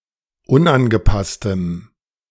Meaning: strong dative masculine/neuter singular of unangepasst
- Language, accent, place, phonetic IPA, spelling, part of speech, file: German, Germany, Berlin, [ˈʊnʔanɡəˌpastəm], unangepasstem, adjective, De-unangepasstem.ogg